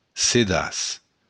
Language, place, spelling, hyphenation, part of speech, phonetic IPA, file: Occitan, Béarn, sedaç, se‧daç, noun, [seˈðas], LL-Q14185 (oci)-sedaç.wav
- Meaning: sieve